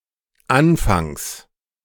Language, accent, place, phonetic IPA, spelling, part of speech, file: German, Germany, Berlin, [ˈanfaŋs], anfangs, adverb, De-anfangs.ogg
- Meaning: initially, at the beginning